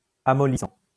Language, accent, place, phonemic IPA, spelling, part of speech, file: French, France, Lyon, /a.mɔ.li.sɑ̃/, amollissant, noun / adjective / verb, LL-Q150 (fra)-amollissant.wav
- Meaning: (noun) softener; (adjective) softening; that softens; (verb) present participle of amollir